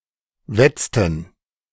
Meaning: inflection of wetzen: 1. first/third-person plural preterite 2. first/third-person plural subjunctive II
- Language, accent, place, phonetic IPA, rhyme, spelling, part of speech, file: German, Germany, Berlin, [ˈvɛt͡stn̩], -ɛt͡stn̩, wetzten, verb, De-wetzten.ogg